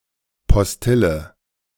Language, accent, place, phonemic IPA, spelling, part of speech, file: German, Germany, Berlin, /pɔsˈtɪlə/, Postille, noun, De-Postille.ogg
- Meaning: rag (a newspaper or magazine comprising only a few pages; often used disparagingly for any printed materials of little journalistic value, such as advertising brochures)